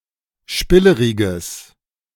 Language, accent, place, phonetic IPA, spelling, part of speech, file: German, Germany, Berlin, [ˈʃpɪləʁɪɡəs], spilleriges, adjective, De-spilleriges.ogg
- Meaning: strong/mixed nominative/accusative neuter singular of spillerig